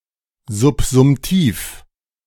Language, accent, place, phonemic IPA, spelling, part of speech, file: German, Germany, Berlin, /zʊpzʊmˈtiːf/, subsumtiv, adjective, De-subsumtiv.ogg
- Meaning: subsumptive